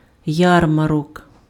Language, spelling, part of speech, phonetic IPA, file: Ukrainian, ярмарок, noun, [ˈjarmɐrɔk], Uk-ярмарок.ogg
- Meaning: fair (market), funfair, county fair, state fair